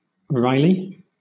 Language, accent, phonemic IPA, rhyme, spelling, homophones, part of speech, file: English, Southern England, /ˈɹaɪli/, -aɪli, wryly, Riley / wrylie, adverb, LL-Q1860 (eng)-wryly.wav
- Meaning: 1. In a wry or sarcastic manner; ironically 2. Of a facial expression, contortedly